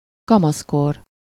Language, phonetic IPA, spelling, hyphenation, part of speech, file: Hungarian, [ˈkɒmɒskor], kamaszkor, ka‧masz‧kor, noun, Hu-kamaszkor.ogg
- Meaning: adolescence (period between childhood and maturity)